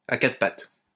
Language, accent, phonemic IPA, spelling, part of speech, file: French, France, /a ka.tʁə pat/, à quatre pattes, adjective / adverb, LL-Q150 (fra)-à quatre pattes.wav
- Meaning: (adjective) four-legged, quadrupedal, tetrapodal; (adverb) on all fours